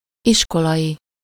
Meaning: of or relating to school
- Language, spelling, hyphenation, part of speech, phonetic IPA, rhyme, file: Hungarian, iskolai, is‧ko‧lai, adjective, [ˈiʃkolɒji], -ji, Hu-iskolai.ogg